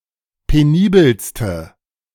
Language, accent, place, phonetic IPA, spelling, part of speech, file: German, Germany, Berlin, [peˈniːbəlstə], penibelste, adjective, De-penibelste.ogg
- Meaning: inflection of penibel: 1. strong/mixed nominative/accusative feminine singular superlative degree 2. strong nominative/accusative plural superlative degree